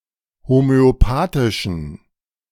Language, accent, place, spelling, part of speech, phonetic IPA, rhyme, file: German, Germany, Berlin, homöopathischen, adjective, [homøoˈpaːtɪʃn̩], -aːtɪʃn̩, De-homöopathischen.ogg
- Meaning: inflection of homöopathisch: 1. strong genitive masculine/neuter singular 2. weak/mixed genitive/dative all-gender singular 3. strong/weak/mixed accusative masculine singular 4. strong dative plural